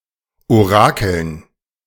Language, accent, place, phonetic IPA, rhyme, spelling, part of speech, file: German, Germany, Berlin, [oˈʁaːkl̩n], -aːkl̩n, Orakeln, noun, De-Orakeln.ogg
- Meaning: dative plural of Orakel